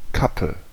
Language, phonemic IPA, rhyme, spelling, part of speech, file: German, /ˈkapə/, -apə, Kappe, noun, De-Kappe.ogg
- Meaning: cap, hood